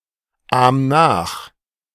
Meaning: 1. singular imperative of nachahmen 2. first-person singular present of nachahmen
- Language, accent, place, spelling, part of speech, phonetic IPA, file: German, Germany, Berlin, ahm nach, verb, [ˌaːm ˈnaːx], De-ahm nach.ogg